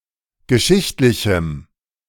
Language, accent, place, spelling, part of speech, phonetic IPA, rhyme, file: German, Germany, Berlin, geschichtlichem, adjective, [ɡəˈʃɪçtlɪçm̩], -ɪçtlɪçm̩, De-geschichtlichem.ogg
- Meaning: strong dative masculine/neuter singular of geschichtlich